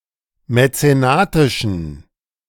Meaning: inflection of mäzenatisch: 1. strong genitive masculine/neuter singular 2. weak/mixed genitive/dative all-gender singular 3. strong/weak/mixed accusative masculine singular 4. strong dative plural
- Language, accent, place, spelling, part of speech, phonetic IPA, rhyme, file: German, Germany, Berlin, mäzenatischen, adjective, [mɛt͡seˈnaːtɪʃn̩], -aːtɪʃn̩, De-mäzenatischen.ogg